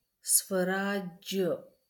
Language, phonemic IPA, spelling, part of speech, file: Marathi, /sʋə.ɾad͡ʑ.jə/, स्वराज्य, noun, LL-Q1571 (mar)-स्वराज्य.wav
- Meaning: self-government, self-governance